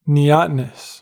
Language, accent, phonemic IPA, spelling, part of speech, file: English, US, /niˈɑːtənəs/, neotenous, adjective, En-us-neotenous.ogg
- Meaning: 1. Exhibiting retention of juvenile characteristics in the adult 2. Babyfaced